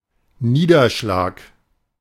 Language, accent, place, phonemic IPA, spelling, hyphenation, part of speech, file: German, Germany, Berlin, /ˈniːdɐˌʃlaːk/, Niederschlag, Nie‧der‧schlag, noun, De-Niederschlag.ogg
- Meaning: 1. fallout, condensation 2. precipitation 3. precipitate 4. knockout